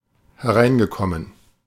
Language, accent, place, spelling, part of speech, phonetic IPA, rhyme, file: German, Germany, Berlin, hereingekommen, verb, [hɛˈʁaɪ̯nɡəˌkɔmən], -aɪ̯nɡəkɔmən, De-hereingekommen.ogg
- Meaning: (verb) past participle of hereinkommen; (adjective) arrived, received